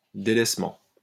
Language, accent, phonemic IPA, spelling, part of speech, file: French, France, /de.lɛs.mɑ̃/, délaissement, noun, LL-Q150 (fra)-délaissement.wav
- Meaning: abandonment, desertion, neglect, dereliction